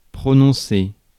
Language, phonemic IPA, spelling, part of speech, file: French, /pʁɔ.nɔ̃.se/, prononcer, verb, Fr-prononcer.ogg
- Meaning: 1. to pronounce 2. to say, mention 3. to give, deliver (a speech)